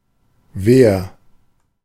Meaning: 1. comparative degree of weh 2. inflection of weh: strong/mixed nominative masculine singular 3. inflection of weh: strong genitive/dative feminine singular
- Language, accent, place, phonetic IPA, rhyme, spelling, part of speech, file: German, Germany, Berlin, [ˈveːɐ], -eːɐ, weher, adjective, De-weher.ogg